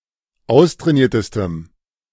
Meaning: strong dative masculine/neuter singular superlative degree of austrainiert
- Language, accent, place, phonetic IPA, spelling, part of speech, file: German, Germany, Berlin, [ˈaʊ̯stʁɛːˌniːɐ̯təstəm], austrainiertestem, adjective, De-austrainiertestem.ogg